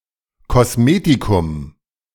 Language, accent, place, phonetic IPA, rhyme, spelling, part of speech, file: German, Germany, Berlin, [kɔsˈmeːtikʊm], -eːtikʊm, Kosmetikum, noun, De-Kosmetikum.ogg
- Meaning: cosmetic